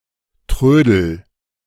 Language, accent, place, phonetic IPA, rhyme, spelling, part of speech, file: German, Germany, Berlin, [ˈtʁøːdl̩], -øːdl̩, trödel, verb, De-trödel.ogg
- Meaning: inflection of trödeln: 1. first-person singular present 2. singular imperative